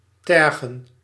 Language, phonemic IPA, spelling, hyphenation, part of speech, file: Dutch, /ˈtɛr.ɣə(n)/, tergen, ter‧gen, verb, Nl-tergen.ogg
- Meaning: 1. to anger, to aggravate 2. to irritate, to annoy 3. to rouse, to provoke 4. to torment, to plague, to bother